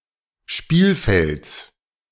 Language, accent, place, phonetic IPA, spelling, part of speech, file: German, Germany, Berlin, [ˈʃpiːlˌfɛlt͡s], Spielfelds, noun, De-Spielfelds.ogg
- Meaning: genitive singular of Spielfeld